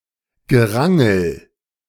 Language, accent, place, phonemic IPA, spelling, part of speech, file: German, Germany, Berlin, /ɡəˈʁaŋl̩/, Gerangel, noun, De-Gerangel.ogg
- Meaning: 1. tussle, skirmish 2. wrangling, jockeying